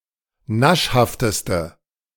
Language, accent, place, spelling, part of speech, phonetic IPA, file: German, Germany, Berlin, naschhafteste, adjective, [ˈnaʃhaftəstə], De-naschhafteste.ogg
- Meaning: inflection of naschhaft: 1. strong/mixed nominative/accusative feminine singular superlative degree 2. strong nominative/accusative plural superlative degree